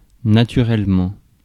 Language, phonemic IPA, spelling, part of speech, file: French, /na.ty.ʁɛl.mɑ̃/, naturellement, adverb, Fr-naturellement.ogg
- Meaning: naturally